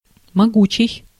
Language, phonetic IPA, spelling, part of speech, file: Russian, [mɐˈɡut͡ɕɪj], могучий, adjective, Ru-могучий.ogg
- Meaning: mighty, powerful, potent, strong